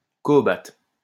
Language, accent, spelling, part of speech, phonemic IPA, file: French, France, cohobat, noun, /kɔ.ɔ.ba/, LL-Q150 (fra)-cohobat.wav
- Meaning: cohobate, cohobation (concentrated distillate)